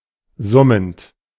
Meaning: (verb) present participle of summen; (adjective) voiced
- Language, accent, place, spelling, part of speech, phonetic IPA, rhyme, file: German, Germany, Berlin, summend, verb, [ˈzʊmənt], -ʊmənt, De-summend.ogg